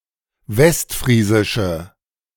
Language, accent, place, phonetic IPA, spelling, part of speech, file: German, Germany, Berlin, [ˈvɛstˌfʁiːzɪʃə], westfriesische, adjective, De-westfriesische.ogg
- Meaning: inflection of westfriesisch: 1. strong/mixed nominative/accusative feminine singular 2. strong nominative/accusative plural 3. weak nominative all-gender singular